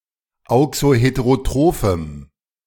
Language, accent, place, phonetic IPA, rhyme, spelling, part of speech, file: German, Germany, Berlin, [ˌaʊ̯ksoˌheteʁoˈtʁoːfm̩], -oːfm̩, auxoheterotrophem, adjective, De-auxoheterotrophem.ogg
- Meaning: strong dative masculine/neuter singular of auxoheterotroph